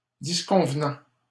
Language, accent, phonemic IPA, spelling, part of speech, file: French, Canada, /dis.kɔ̃v.nɑ̃/, disconvenant, verb, LL-Q150 (fra)-disconvenant.wav
- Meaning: present participle of disconvenir